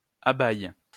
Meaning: inflection of abaïer: 1. first/third-person singular present indicative/subjunctive 2. second-person singular imperative
- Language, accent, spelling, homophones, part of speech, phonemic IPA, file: French, France, abaïe, abaïent / abaïes, verb, /a.baj/, LL-Q150 (fra)-abaïe.wav